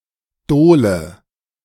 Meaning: 1. covered ditch 2. gully; drain
- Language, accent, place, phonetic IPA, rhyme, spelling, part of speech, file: German, Germany, Berlin, [ˈdoːlə], -oːlə, Dole, noun, De-Dole.ogg